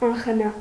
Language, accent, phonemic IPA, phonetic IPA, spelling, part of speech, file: Armenian, Eastern Armenian, /ɑnχəˈnɑ/, [ɑnχənɑ́], անխնա, adjective, Hy-անխնա.ogg
- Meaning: ruthlessly, mercilessly, unsparingly